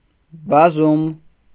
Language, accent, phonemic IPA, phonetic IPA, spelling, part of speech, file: Armenian, Eastern Armenian, /bɑˈzum/, [bɑzúm], բազում, adjective, Hy-բազում.ogg
- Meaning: many, numerous, multiple